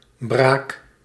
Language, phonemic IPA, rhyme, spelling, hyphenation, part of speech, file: Dutch, /braːk/, -aːk, braak, braak, adjective / noun / verb, Nl-braak.ogg
- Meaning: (adjective) fallow; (noun) the act of breaking or breaking in; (verb) inflection of braken: 1. first-person singular present indicative 2. second-person singular present indicative 3. imperative